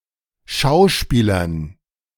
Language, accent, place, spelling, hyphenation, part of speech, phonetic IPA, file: German, Germany, Berlin, Schauspielern, Schau‧spie‧lern, noun, [ˈʃaʊ̯ˌʃpiːlɐn], De-Schauspielern.ogg
- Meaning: dative plural of Schauspieler